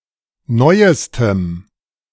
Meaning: strong dative masculine/neuter singular superlative degree of neu
- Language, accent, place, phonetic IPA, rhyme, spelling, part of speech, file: German, Germany, Berlin, [ˈnɔɪ̯əstəm], -ɔɪ̯əstəm, neuestem, adjective, De-neuestem.ogg